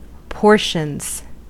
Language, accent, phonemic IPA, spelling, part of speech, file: English, US, /ˈpɔɹʃənz/, portions, noun, En-us-portions.ogg
- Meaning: plural of portion